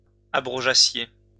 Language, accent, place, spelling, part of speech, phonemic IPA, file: French, France, Lyon, abrogeassiez, verb, /a.bʁɔ.ʒa.sje/, LL-Q150 (fra)-abrogeassiez.wav
- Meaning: second-person plural imperfect subjunctive of abroger